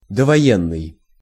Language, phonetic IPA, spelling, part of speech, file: Russian, [dəvɐˈjenːɨj], довоенный, adjective, Ru-довоенный.ogg
- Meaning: antebellum, prewar